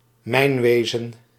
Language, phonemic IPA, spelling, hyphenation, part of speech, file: Dutch, /ˈmɛi̯nˌʋeː.zə(n)/, mijnwezen, mijn‧we‧zen, noun, Nl-mijnwezen.ogg
- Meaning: mining (mining sector; mining as an economic activity)